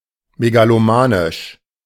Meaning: megalomaniacal
- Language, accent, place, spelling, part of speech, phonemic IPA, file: German, Germany, Berlin, megalomanisch, adjective, /meɡaloˈmaːnɪʃ/, De-megalomanisch.ogg